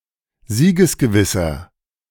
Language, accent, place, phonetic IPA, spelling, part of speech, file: German, Germany, Berlin, [ˈziːɡəsɡəˌvɪsɐ], siegesgewisser, adjective, De-siegesgewisser.ogg
- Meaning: 1. comparative degree of siegesgewiss 2. inflection of siegesgewiss: strong/mixed nominative masculine singular 3. inflection of siegesgewiss: strong genitive/dative feminine singular